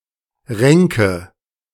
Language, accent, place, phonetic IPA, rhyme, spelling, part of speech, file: German, Germany, Berlin, [ˈʁɛŋkə], -ɛŋkə, Ränke, noun, De-Ränke.ogg
- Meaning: nominative/accusative/genitive plural of Rank